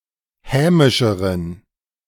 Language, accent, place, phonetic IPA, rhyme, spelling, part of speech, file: German, Germany, Berlin, [ˈhɛːmɪʃəʁən], -ɛːmɪʃəʁən, hämischeren, adjective, De-hämischeren.ogg
- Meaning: inflection of hämisch: 1. strong genitive masculine/neuter singular comparative degree 2. weak/mixed genitive/dative all-gender singular comparative degree